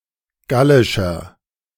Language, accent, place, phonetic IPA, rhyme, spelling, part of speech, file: German, Germany, Berlin, [ˈɡalɪʃɐ], -alɪʃɐ, gallischer, adjective, De-gallischer.ogg
- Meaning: inflection of gallisch: 1. strong/mixed nominative masculine singular 2. strong genitive/dative feminine singular 3. strong genitive plural